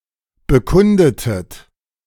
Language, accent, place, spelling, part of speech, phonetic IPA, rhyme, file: German, Germany, Berlin, bekundetet, verb, [bəˈkʊndətət], -ʊndətət, De-bekundetet.ogg
- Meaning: inflection of bekunden: 1. second-person plural preterite 2. second-person plural subjunctive II